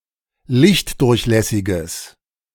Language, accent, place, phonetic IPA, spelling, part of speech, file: German, Germany, Berlin, [ˈlɪçtˌdʊʁçlɛsɪɡəs], lichtdurchlässiges, adjective, De-lichtdurchlässiges.ogg
- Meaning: strong/mixed nominative/accusative neuter singular of lichtdurchlässig